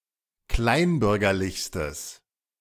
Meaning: strong/mixed nominative/accusative neuter singular superlative degree of kleinbürgerlich
- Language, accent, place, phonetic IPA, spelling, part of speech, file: German, Germany, Berlin, [ˈklaɪ̯nˌbʏʁɡɐlɪçstəs], kleinbürgerlichstes, adjective, De-kleinbürgerlichstes.ogg